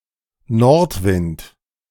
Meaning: north wind
- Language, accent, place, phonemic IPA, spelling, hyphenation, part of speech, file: German, Germany, Berlin, /ˈnɔʁtˌvɪnt/, Nordwind, Nord‧wind, noun, De-Nordwind.ogg